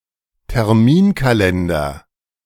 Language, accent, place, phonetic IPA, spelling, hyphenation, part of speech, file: German, Germany, Berlin, [tɛʁˈmiːnkaˌlɛndɐ], Terminkalender, Ter‧min‧ka‧len‧der, noun, De-Terminkalender.ogg
- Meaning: appointment diary